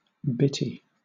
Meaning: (adjective) 1. Containing bits; fragmented 2. Very small; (noun) Alternative form of bittie
- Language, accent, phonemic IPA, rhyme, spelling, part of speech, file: English, Southern England, /ˈbɪti/, -ɪti, bitty, adjective / noun, LL-Q1860 (eng)-bitty.wav